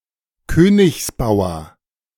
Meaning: king's pawn
- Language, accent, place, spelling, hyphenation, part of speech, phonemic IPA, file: German, Germany, Berlin, Königsbauer, Kö‧nigs‧bau‧er, noun, /ˈkøːnɪçsˌbaʊ̯ɐ/, De-Königsbauer.ogg